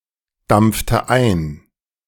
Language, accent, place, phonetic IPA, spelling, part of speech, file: German, Germany, Berlin, [ˌdamp͡ftə ˈaɪ̯n], dampfte ein, verb, De-dampfte ein.ogg
- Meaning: inflection of eindampfen: 1. first/third-person singular preterite 2. first/third-person singular subjunctive II